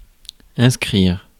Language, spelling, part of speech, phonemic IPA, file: French, inscrire, verb, /ɛ̃s.kʁiʁ/, Fr-inscrire.ogg
- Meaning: 1. to inscribe (engrave) 2. to inscribe; jot down (make notes on paper) 3. to inscribe 4. to inscribe, sign up (to a publication, annual pass etc.) 5. to sign up (for) 6. notch up, chalk up